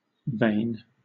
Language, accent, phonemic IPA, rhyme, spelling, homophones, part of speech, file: English, Southern England, /veɪn/, -eɪn, vane, vain, noun, LL-Q1860 (eng)-vane.wav
- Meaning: A weather vane